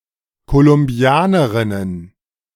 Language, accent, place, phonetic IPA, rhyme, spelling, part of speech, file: German, Germany, Berlin, [kolʊmˈbi̯aːnəʁɪnən], -aːnəʁɪnən, Kolumbianerinnen, noun, De-Kolumbianerinnen.ogg
- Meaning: plural of Kolumbianerin